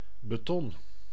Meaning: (noun) concrete; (verb) inflection of betonnen: 1. first-person singular present indicative 2. second-person singular present indicative 3. imperative
- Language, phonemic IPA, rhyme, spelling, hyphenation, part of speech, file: Dutch, /bəˈtɔn/, -ɔn, beton, be‧ton, noun / verb, Nl-beton.ogg